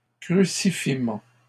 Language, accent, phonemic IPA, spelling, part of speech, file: French, Canada, /kʁy.si.fi.mɑ̃/, crucifiement, noun, LL-Q150 (fra)-crucifiement.wav
- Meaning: crucifixion